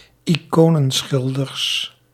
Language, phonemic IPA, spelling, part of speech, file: Dutch, /iˈkonə(n)ˌsxɪldərs/, iconenschilders, noun, Nl-iconenschilders.ogg
- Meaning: plural of iconenschilder